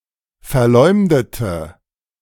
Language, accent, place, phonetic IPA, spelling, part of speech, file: German, Germany, Berlin, [fɛɐ̯ˈlɔɪ̯mdətə], verleumdete, adjective / verb, De-verleumdete.ogg
- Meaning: inflection of verleumden: 1. first/third-person singular preterite 2. first/third-person singular subjunctive II